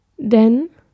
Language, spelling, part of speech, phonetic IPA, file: German, denn, conjunction / adverb, [dɛn], De-denn.ogg
- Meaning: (conjunction) 1. for; because; since 2. than; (adverb) so, then, ever, but, now; used for emphasis or to express interest, surprise or doubt, or in rhetorical questions